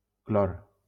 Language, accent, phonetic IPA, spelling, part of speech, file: Catalan, Valencia, [ˈklɔr], clor, noun, LL-Q7026 (cat)-clor.wav
- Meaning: chlorine